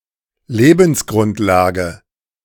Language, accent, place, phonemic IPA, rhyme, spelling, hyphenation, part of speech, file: German, Germany, Berlin, /ˈleːbn̩sˌɡʁʊntlaːɡə/, -aːɡə, Lebensgrundlage, Le‧bens‧grund‧la‧ge, noun, De-Lebensgrundlage.ogg
- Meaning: livelihood